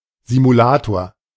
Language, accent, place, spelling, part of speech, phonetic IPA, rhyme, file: German, Germany, Berlin, Simulator, noun, [zimuˈlaːtoːɐ̯], -aːtoːɐ̯, De-Simulator.ogg
- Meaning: simulator